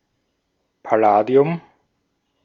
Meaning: palladium
- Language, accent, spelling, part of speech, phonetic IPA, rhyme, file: German, Austria, Palladium, noun, [paˈlaːdi̯ʊm], -aːdi̯ʊm, De-at-Palladium.ogg